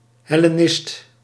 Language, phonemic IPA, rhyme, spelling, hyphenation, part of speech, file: Dutch, /ˌɦɛ.leːˈnɪst/, -ɪst, hellenist, hel‧le‧nist, noun, Nl-hellenist.ogg
- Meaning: 1. Hellenist (specialist in the study of the Ancient Greek language and culture) 2. Helleniser, Hellenised Jew, Hellenist (ancient Jew who had adopted Ancient Greek customs)